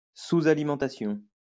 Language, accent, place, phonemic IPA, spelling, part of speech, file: French, France, Lyon, /su.z‿a.li.mɑ̃.ta.sjɔ̃/, sous-alimentation, noun, LL-Q150 (fra)-sous-alimentation.wav
- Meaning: underfeeding